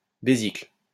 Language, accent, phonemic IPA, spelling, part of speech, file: French, France, /be.zikl/, besicles, noun, LL-Q150 (fra)-besicles.wav
- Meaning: spectacles, glasses